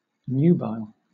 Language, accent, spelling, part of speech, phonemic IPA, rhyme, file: English, Southern England, nubile, adjective / noun, /ˈnjuːbaɪl/, -aɪl, LL-Q1860 (eng)-nubile.wav
- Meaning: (adjective) 1. Of an age suitable for marriage; marriageable (principally of a young woman) 2. Sexually attractive (especially of a young woman)